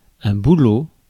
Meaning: birch tree
- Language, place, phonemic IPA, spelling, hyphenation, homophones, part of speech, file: French, Paris, /bu.lo/, bouleau, bou‧leau, boulot, noun, Fr-bouleau.ogg